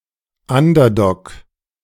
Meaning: underdog (competitor thought to be at disadvantage)
- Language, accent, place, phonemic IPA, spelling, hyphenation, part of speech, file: German, Germany, Berlin, /ˈandɐˌdɔk/, Underdog, Un‧der‧dog, noun, De-Underdog.ogg